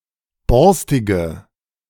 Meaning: inflection of borstig: 1. strong/mixed nominative/accusative feminine singular 2. strong nominative/accusative plural 3. weak nominative all-gender singular 4. weak accusative feminine/neuter singular
- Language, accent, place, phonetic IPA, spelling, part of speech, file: German, Germany, Berlin, [ˈbɔʁstɪɡə], borstige, adjective, De-borstige.ogg